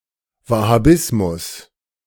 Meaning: Wahhabism
- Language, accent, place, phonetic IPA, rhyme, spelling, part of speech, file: German, Germany, Berlin, [ˌvahaˈbɪsmʊs], -ɪsmʊs, Wahhabismus, noun, De-Wahhabismus.ogg